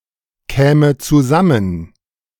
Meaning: first/third-person singular subjunctive II of zusammenkommen
- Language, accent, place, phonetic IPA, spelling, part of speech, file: German, Germany, Berlin, [ˌkɛːmə t͡suˈzamən], käme zusammen, verb, De-käme zusammen.ogg